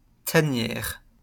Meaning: 1. lair, den (of an animal) 2. hideout, den, lair (of an outlaw)
- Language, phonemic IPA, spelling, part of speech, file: French, /ta.njɛʁ/, tanière, noun, LL-Q150 (fra)-tanière.wav